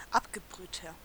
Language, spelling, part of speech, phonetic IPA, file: German, abgebrühter, adjective, [ˈapɡəˌbʁyːtɐ], De-abgebrühter.ogg
- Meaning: 1. comparative degree of abgebrüht 2. inflection of abgebrüht: strong/mixed nominative masculine singular 3. inflection of abgebrüht: strong genitive/dative feminine singular